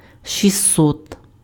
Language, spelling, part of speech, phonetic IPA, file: Ukrainian, шістсот, numeral, [ʃʲiˈsːɔt], Uk-шістсот.ogg
- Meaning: six hundred